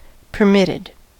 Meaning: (verb) simple past and past participle of permit; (adjective) Allowed, authorized
- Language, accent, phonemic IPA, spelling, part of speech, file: English, US, /pɚˈmɪtɪd/, permitted, verb / adjective, En-us-permitted.ogg